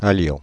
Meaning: inflection of aller: 1. first-person plural imperfect indicative 2. first-person plural present subjunctive
- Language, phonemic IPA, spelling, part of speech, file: French, /a.ljɔ̃/, allions, verb, Fr-allions.ogg